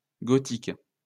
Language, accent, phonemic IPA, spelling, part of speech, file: French, France, /ɡɔ.tik/, gotique, noun / adjective, LL-Q150 (fra)-gotique.wav
- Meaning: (noun) alternative spelling of gothique